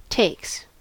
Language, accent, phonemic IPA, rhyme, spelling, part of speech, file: English, US, /teɪks/, -eɪks, takes, verb / noun, En-us-takes.ogg
- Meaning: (verb) third-person singular simple present indicative of take; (noun) plural of take